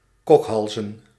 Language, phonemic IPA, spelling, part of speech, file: Dutch, /ˈkɔkhɑlzə(n)/, kokhalzen, verb, Nl-kokhalzen.ogg
- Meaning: to gag, to retch